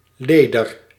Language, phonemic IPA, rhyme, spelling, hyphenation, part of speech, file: Dutch, /ˈleː.dər/, -eːdər, leder, le‧der, noun, Nl-leder.ogg
- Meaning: 1. leather 2. short for lederkarper